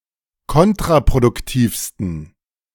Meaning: 1. superlative degree of kontraproduktiv 2. inflection of kontraproduktiv: strong genitive masculine/neuter singular superlative degree
- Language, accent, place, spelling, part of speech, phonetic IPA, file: German, Germany, Berlin, kontraproduktivsten, adjective, [ˈkɔntʁapʁodʊkˌtiːfstn̩], De-kontraproduktivsten.ogg